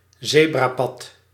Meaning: a zebra crossing, a crosswalk (place where pedestrians can cross a street)
- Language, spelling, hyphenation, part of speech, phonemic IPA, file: Dutch, zebrapad, ze‧bra‧pad, noun, /ˈzeː.braːˌpɑt/, Nl-zebrapad.ogg